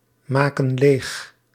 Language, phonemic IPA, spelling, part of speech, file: Dutch, /ˈmakə(n) ˈlex/, maken leeg, verb, Nl-maken leeg.ogg
- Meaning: inflection of leegmaken: 1. plural present indicative 2. plural present subjunctive